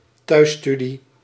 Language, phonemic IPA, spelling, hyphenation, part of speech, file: Dutch, /ˈtœy̯(s)ˌsty.di/, thuisstudie, thuis‧stu‧die, noun, Nl-thuisstudie.ogg
- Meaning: home study